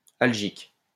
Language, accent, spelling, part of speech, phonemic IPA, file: French, France, algique, adjective, /al.ʒik/, LL-Q150 (fra)-algique.wav
- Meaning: 1. algic (relating to localised pain) 2. Algic (relating to this language)